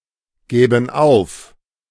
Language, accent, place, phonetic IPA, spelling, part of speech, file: German, Germany, Berlin, [ˌɡɛːbn̩ ˈaʊ̯f], gäben auf, verb, De-gäben auf.ogg
- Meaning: first/third-person plural subjunctive II of aufgeben